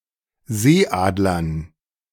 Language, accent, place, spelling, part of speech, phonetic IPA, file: German, Germany, Berlin, Seeadlern, noun, [ˈzeːˌʔaːdlɐn], De-Seeadlern.ogg
- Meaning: dative plural of Seeadler